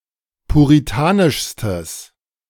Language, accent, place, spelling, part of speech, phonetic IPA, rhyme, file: German, Germany, Berlin, puritanischstes, adjective, [puʁiˈtaːnɪʃstəs], -aːnɪʃstəs, De-puritanischstes.ogg
- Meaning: strong/mixed nominative/accusative neuter singular superlative degree of puritanisch